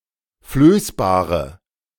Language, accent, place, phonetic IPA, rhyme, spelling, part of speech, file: German, Germany, Berlin, [ˈfløːsbaːʁə], -øːsbaːʁə, flößbare, adjective, De-flößbare.ogg
- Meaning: inflection of flößbar: 1. strong/mixed nominative/accusative feminine singular 2. strong nominative/accusative plural 3. weak nominative all-gender singular 4. weak accusative feminine/neuter singular